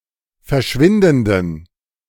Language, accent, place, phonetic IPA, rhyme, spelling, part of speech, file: German, Germany, Berlin, [fɛɐ̯ˈʃvɪndn̩dən], -ɪndn̩dən, verschwindenden, adjective, De-verschwindenden.ogg
- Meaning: inflection of verschwindend: 1. strong genitive masculine/neuter singular 2. weak/mixed genitive/dative all-gender singular 3. strong/weak/mixed accusative masculine singular 4. strong dative plural